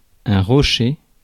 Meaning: rock (mass of projecting rock)
- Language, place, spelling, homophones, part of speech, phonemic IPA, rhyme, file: French, Paris, rocher, rochers, noun, /ʁɔ.ʃe/, -e, Fr-rocher.ogg